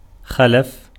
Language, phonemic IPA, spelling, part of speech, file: Arabic, /xa.la.fa/, خلف, verb, Ar-خلف.ogg
- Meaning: 1. to succeed, to follow, to come after 2. to substitute for 3. to replace 4. to lag behind 5. to stay behind 6. to be detained, to stay away